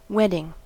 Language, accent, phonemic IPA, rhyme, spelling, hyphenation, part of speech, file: English, US, /ˈwɛdɪŋ/, -ɛdɪŋ, wedding, wed‧ding, noun / verb, En-us-wedding.ogg
- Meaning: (noun) 1. A marriage ceremony; a ritual officially celebrating the beginning of a marriage 2. The joining of two or more parts; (verb) present participle and gerund of wed